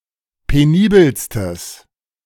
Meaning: strong/mixed nominative/accusative neuter singular superlative degree of penibel
- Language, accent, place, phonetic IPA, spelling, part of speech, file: German, Germany, Berlin, [peˈniːbəlstəs], penibelstes, adjective, De-penibelstes.ogg